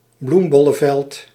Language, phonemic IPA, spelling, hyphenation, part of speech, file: Dutch, /ˈblum.bɔ.lə(n)ˌvɛlt/, bloembollenveld, bloem‧bol‧len‧veld, noun, Nl-bloembollenveld.ogg
- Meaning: a field used for the cultivation of bulb flowers; a bulb flower field